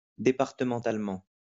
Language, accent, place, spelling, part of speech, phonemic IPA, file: French, France, Lyon, départementalement, adverb, /de.paʁ.tə.mɑ̃.tal.mɑ̃/, LL-Q150 (fra)-départementalement.wav
- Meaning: departmentally